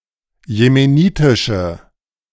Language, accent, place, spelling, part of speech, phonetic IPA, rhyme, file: German, Germany, Berlin, jemenitische, adjective, [jemeˈniːtɪʃə], -iːtɪʃə, De-jemenitische.ogg
- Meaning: inflection of jemenitisch: 1. strong/mixed nominative/accusative feminine singular 2. strong nominative/accusative plural 3. weak nominative all-gender singular